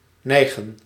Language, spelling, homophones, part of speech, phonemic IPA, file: Dutch, neigen, nijgen, verb, /ˈnɛi̯ɣə(n)/, Nl-neigen.ogg
- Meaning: 1. to tend, incline (to show a tendency) 2. to bend down, bow, direct downwards